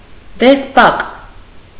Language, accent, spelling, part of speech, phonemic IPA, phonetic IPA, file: Armenian, Eastern Armenian, դեսպակ, noun, /desˈpɑk/, [despɑ́k], Hy-դեսպակ.ogg
- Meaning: litter, palanquin